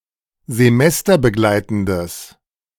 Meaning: strong/mixed nominative/accusative neuter singular of semesterbegleitend
- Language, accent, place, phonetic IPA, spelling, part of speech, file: German, Germany, Berlin, [zeˈmɛstɐbəˌɡlaɪ̯tn̩dəs], semesterbegleitendes, adjective, De-semesterbegleitendes.ogg